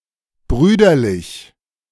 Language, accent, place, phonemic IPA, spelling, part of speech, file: German, Germany, Berlin, /ˈbʁyːdɐlɪç/, brüderlich, adjective, De-brüderlich.ogg
- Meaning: brotherly, fraternal